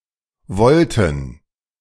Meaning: plural of Volte
- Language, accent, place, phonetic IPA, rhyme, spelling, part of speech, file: German, Germany, Berlin, [ˈvɔltn̩], -ɔltn̩, Volten, noun, De-Volten.ogg